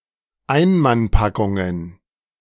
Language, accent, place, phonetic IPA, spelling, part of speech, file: German, Germany, Berlin, [ˈaɪ̯nmanˌpakʊŋən], Einmannpackungen, noun, De-Einmannpackungen.ogg
- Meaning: plural of Einmannpackung